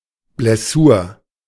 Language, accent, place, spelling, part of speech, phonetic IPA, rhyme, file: German, Germany, Berlin, Blessur, noun, [blɛˈsuːɐ̯], -uːɐ̯, De-Blessur.ogg
- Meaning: injury, wound